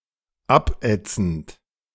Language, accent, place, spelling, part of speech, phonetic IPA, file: German, Germany, Berlin, abätzend, verb, [ˈapˌʔɛt͡sn̩t], De-abätzend.ogg
- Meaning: present participle of abätzen